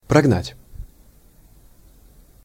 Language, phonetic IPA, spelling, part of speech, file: Russian, [prɐɡˈnatʲ], прогнать, verb, Ru-прогнать.ogg
- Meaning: 1. to drive (cattle) 2. to chase away 3. to cause to disappear, to banish 4. to fire